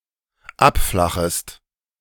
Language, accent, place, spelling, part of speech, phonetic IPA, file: German, Germany, Berlin, abflachest, verb, [ˈapˌflaxəst], De-abflachest.ogg
- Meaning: second-person singular dependent subjunctive I of abflachen